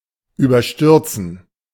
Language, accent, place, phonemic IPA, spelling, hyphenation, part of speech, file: German, Germany, Berlin, /yːbɐˈʃtʏʁt͡sn̩/, überstürzen, über‧stür‧zen, verb, De-überstürzen.ogg
- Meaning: 1. to rush 2. to jump the gun